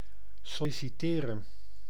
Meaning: 1. to apply (for a job) 2. to ask (for)
- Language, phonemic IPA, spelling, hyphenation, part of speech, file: Dutch, /sɔlisiˈteːrə(n)/, solliciteren, sol‧li‧ci‧te‧ren, verb, Nl-solliciteren.ogg